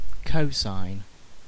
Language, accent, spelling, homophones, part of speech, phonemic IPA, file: English, UK, cosign, cosine, verb / noun, /ˈkəʊ.saɪn/, En-uk-cosign.ogg
- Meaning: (verb) 1. To sign a document jointly with another person, sometimes as an endorsement 2. To agree with or endorse; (noun) The promotion of one musical artist (usually less successful) by another